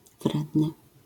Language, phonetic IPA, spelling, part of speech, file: Polish, [ˈvrɛdnɨ], wredny, adjective, LL-Q809 (pol)-wredny.wav